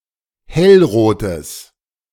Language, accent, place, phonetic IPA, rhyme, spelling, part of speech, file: German, Germany, Berlin, [ˈhɛlˌʁoːtəs], -ɛlʁoːtəs, hellrotes, adjective, De-hellrotes.ogg
- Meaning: strong/mixed nominative/accusative neuter singular of hellrot